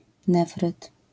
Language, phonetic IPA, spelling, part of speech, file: Polish, [ˈnɛfrɨt], nefryt, noun, LL-Q809 (pol)-nefryt.wav